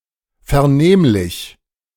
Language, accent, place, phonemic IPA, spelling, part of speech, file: German, Germany, Berlin, /fɛɐ̯ˈneːmlɪç/, vernehmlich, adjective, De-vernehmlich.ogg
- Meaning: audible, perceptible